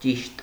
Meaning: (adjective) 1. right, correct 2. true 3. precise, exact 4. accurate; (noun) truth
- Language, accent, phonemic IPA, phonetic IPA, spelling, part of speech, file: Armenian, Eastern Armenian, /t͡ʃiʃt/, [t͡ʃiʃt], ճիշտ, adjective / noun, Hy-ճիշտ.ogg